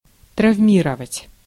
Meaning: 1. to injure 2. to traumatize (physically or psychologically)
- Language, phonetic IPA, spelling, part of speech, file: Russian, [trɐvˈmʲirəvətʲ], травмировать, verb, Ru-травмировать.ogg